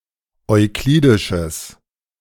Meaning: strong/mixed nominative/accusative neuter singular of euklidisch
- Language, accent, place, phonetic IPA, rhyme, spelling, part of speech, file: German, Germany, Berlin, [ɔɪ̯ˈkliːdɪʃəs], -iːdɪʃəs, euklidisches, adjective, De-euklidisches.ogg